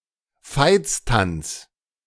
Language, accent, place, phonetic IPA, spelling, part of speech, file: German, Germany, Berlin, [ˈfaɪ̯t͡s.tant͡s], Veitstanz, noun, De-Veitstanz.ogg
- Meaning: 1. St. Vitus' dance, chorea 2. dancing mania, tarantism